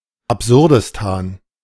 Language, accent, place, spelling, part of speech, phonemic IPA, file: German, Germany, Berlin, Absurdistan, proper noun, /apˈzʊʁdɪstaːn/, De-Absurdistan.ogg
- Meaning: Absurdistan (any country where absurdity is the norm)